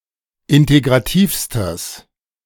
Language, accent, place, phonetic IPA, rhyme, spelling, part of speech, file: German, Germany, Berlin, [ˌɪnteɡʁaˈtiːfstəs], -iːfstəs, integrativstes, adjective, De-integrativstes.ogg
- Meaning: strong/mixed nominative/accusative neuter singular superlative degree of integrativ